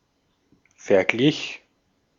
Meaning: first/third-person singular preterite of vergleichen
- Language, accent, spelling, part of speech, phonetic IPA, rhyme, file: German, Austria, verglich, verb, [fɛɐ̯ˈɡlɪç], -ɪç, De-at-verglich.ogg